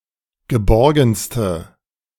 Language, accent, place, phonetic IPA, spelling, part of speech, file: German, Germany, Berlin, [ɡəˈbɔʁɡn̩stə], geborgenste, adjective, De-geborgenste.ogg
- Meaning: inflection of geborgen: 1. strong/mixed nominative/accusative feminine singular superlative degree 2. strong nominative/accusative plural superlative degree